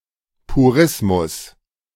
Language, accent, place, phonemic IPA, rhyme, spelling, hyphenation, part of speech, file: German, Germany, Berlin, /puˈʁɪsmʊs/, -ɪsmʊs, Purismus, Pu‧ris‧mus, noun, De-Purismus.ogg
- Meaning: purism